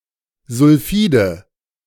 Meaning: nominative/accusative/genitive plural of Sulfid
- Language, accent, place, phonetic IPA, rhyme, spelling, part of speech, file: German, Germany, Berlin, [zʊlˈfiːdə], -iːdə, Sulfide, noun, De-Sulfide.ogg